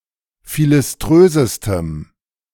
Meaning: strong dative masculine/neuter singular superlative degree of philiströs
- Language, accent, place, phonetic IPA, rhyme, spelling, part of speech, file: German, Germany, Berlin, [ˌfilɪsˈtʁøːzəstəm], -øːzəstəm, philiströsestem, adjective, De-philiströsestem.ogg